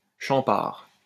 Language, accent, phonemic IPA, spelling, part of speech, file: French, France, /ʃɑ̃.paʁ/, champart, noun, LL-Q150 (fra)-champart.wav
- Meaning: 1. the division of the produce of land due by a tenant farmer to the feudal lord possessing the land 2. a mixture of wheat, rye and malted barley serving as fodder for livestock